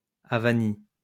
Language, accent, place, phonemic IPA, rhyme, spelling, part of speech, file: French, France, Lyon, /a.va.ni/, -i, avanie, noun, LL-Q150 (fra)-avanie.wav
- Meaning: 1. avania (Ottoman tax) 2. affront, insult; snub